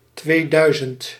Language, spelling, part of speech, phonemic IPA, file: Dutch, tweeduizend, numeral, /tweˈdœyzənt/, Nl-tweeduizend.ogg
- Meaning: two thousand